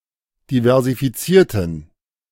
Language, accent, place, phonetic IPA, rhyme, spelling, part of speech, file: German, Germany, Berlin, [divɛʁzifiˈt͡siːɐ̯tn̩], -iːɐ̯tn̩, diversifizierten, adjective / verb, De-diversifizierten.ogg
- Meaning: inflection of diversifizieren: 1. first/third-person plural preterite 2. first/third-person plural subjunctive II